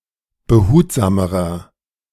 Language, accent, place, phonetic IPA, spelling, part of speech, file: German, Germany, Berlin, [bəˈhuːtzaːməʁɐ], behutsamerer, adjective, De-behutsamerer.ogg
- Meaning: inflection of behutsam: 1. strong/mixed nominative masculine singular comparative degree 2. strong genitive/dative feminine singular comparative degree 3. strong genitive plural comparative degree